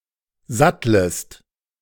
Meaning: second-person singular subjunctive I of satteln
- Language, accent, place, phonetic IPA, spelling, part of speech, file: German, Germany, Berlin, [ˈzatləst], sattlest, verb, De-sattlest.ogg